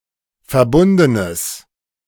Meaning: strong/mixed nominative/accusative neuter singular of verbunden
- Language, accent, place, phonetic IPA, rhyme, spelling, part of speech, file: German, Germany, Berlin, [fɛɐ̯ˈbʊndənəs], -ʊndənəs, verbundenes, adjective, De-verbundenes.ogg